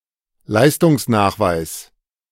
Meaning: proof of performance
- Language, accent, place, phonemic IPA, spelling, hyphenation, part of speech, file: German, Germany, Berlin, /ˈlaɪ̯stʊŋsˌnaːxvaɪ̯s/, Leistungsnachweis, Leis‧tungs‧nach‧weis, noun, De-Leistungsnachweis.ogg